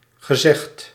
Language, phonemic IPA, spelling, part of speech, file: Dutch, /ɣə.ˈzɛxt/, gezegd, verb, Nl-gezegd.ogg
- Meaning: past participle of zeggen